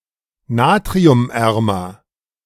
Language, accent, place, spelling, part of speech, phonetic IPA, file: German, Germany, Berlin, natriumärmer, adjective, [ˈnaːtʁiʊmˌʔɛʁmɐ], De-natriumärmer.ogg
- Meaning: comparative degree of natriumarm